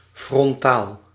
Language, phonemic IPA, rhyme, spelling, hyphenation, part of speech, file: Dutch, /frɔnˈtaːl/, -aːl, frontaal, fron‧taal, adjective / adverb, Nl-frontaal.ogg
- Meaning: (adjective) frontal; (adverb) frontally